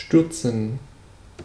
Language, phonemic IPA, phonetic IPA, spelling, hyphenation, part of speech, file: German, /ˈʃtyʁtsən/, [ˈʃtʏɐtsn̩], stürzen, stür‧zen, verb, De-stürzen.ogg
- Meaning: 1. to fall down, to drop, to tumble 2. to dash, to rush, to sprint to something 3. to drop off steeply 4. to throw, to hurl 5. to upturn 6. to overthrow, to oust, to dethrone